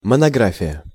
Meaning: monograph
- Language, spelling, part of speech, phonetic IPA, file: Russian, монография, noun, [mənɐˈɡrafʲɪjə], Ru-монография.ogg